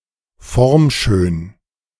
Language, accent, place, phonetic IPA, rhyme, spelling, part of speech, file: German, Germany, Berlin, [ˈfɔʁmˌʃøːn], -ɔʁmʃøːn, formschön, adjective, De-formschön.ogg
- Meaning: 1. shapely 2. elegant